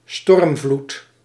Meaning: a storm surge
- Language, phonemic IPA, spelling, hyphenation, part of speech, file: Dutch, /ˈstɔrm.vlut/, stormvloed, storm‧vloed, noun, Nl-stormvloed.ogg